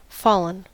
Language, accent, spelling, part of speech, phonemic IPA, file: English, US, fallen, verb / adjective / noun, /ˈfɔlən/, En-us-fallen.ogg
- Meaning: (verb) past participle of fall; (adjective) 1. Having dropped by the force of gravity 2. Killed, especially in battle 3. Having lost one's chastity 4. Having collapsed